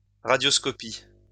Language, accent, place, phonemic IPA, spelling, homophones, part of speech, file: French, France, Lyon, /ʁa.djɔs.kɔ.pi/, radioscopie, radioscopient / radioscopies, noun / verb, LL-Q150 (fra)-radioscopie.wav
- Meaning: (noun) radioscopy; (verb) inflection of radioscopier: 1. first/third-person singular present indicative/subjunctive 2. second-person singular imperative